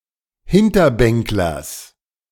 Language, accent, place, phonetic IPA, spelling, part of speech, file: German, Germany, Berlin, [ˈhɪntɐˌbɛŋklɐs], Hinterbänklers, noun, De-Hinterbänklers.ogg
- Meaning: genitive of Hinterbänkler